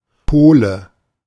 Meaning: 1. Pole 2. nominative/accusative/genitive plural of Pol 3. dative singular of Pol
- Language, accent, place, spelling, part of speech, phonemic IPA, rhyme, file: German, Germany, Berlin, Pole, noun, /ˈpoːlə/, -oːlə, De-Pole.ogg